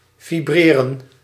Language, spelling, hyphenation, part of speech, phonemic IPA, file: Dutch, vibreren, vi‧bre‧ren, verb, /ˌviˈbreː.rə(n)/, Nl-vibreren.ogg
- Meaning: to vibrate, trill